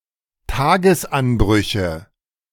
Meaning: nominative/accusative/genitive plural of Tagesanbruch
- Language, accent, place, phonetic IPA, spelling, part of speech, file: German, Germany, Berlin, [ˈtaːɡəsˌʔanbʁʏçə], Tagesanbrüche, noun, De-Tagesanbrüche.ogg